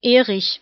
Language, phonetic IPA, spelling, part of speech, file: German, [ˈeːʁɪç], Erich, proper noun, De-Erich.ogg
- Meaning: a male given name from Old Norse, variant of Eric and Erik, feminine equivalent Erica and Erika, equivalent to English Eric